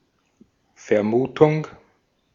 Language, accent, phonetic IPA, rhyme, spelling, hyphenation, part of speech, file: German, Austria, [fɛɐ̯ˈmuːtʊŋ], -uːtʊŋ, Vermutung, Ver‧mu‧tung, noun, De-at-Vermutung.ogg
- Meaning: 1. guess 2. supposition 3. suspicion 4. conjecture